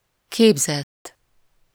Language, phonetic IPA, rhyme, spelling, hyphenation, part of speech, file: Hungarian, [ˈkeːbzɛtː], -ɛtː, képzett, kép‧zett, verb / adjective, Hu-képzett.ogg
- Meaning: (verb) 1. third-person singular indicative past indefinite of képez 2. past participle of képez; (adjective) 1. skilled, educated 2. derived, derivative